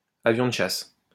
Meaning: 1. fighter plane 2. a hottie, a bombshell (a very attractive woman)
- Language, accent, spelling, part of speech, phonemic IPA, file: French, France, avion de chasse, noun, /a.vjɔ̃ d(ə) ʃas/, LL-Q150 (fra)-avion de chasse.wav